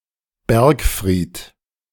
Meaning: keep, donjon, bergfried (main defensive tower of a castle or fortress, located within the castle walls, often free-standing)
- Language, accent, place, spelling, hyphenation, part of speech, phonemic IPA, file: German, Germany, Berlin, Bergfried, Berg‧fried, noun, /ˈbɛʁkˌfʁiːt/, De-Bergfried.ogg